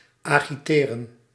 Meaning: to agitate, to stir up
- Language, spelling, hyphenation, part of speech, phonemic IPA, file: Dutch, agiteren, agi‧te‧ren, verb, /ˌaː.ɣiˈteː.rə(n)/, Nl-agiteren.ogg